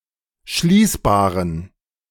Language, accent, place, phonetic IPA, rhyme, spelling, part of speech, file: German, Germany, Berlin, [ˈʃliːsbaːʁən], -iːsbaːʁən, schließbaren, adjective, De-schließbaren.ogg
- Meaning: inflection of schließbar: 1. strong genitive masculine/neuter singular 2. weak/mixed genitive/dative all-gender singular 3. strong/weak/mixed accusative masculine singular 4. strong dative plural